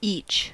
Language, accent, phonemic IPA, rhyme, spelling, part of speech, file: English, US, /it͡ʃ/, -iːtʃ, each, determiner / adverb / pronoun / noun, En-us-each.ogg
- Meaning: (determiner) All; every; qualifying a singular noun, indicating all examples of the thing so named seen as individual or separate items (compare every); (adverb) For one; apiece; per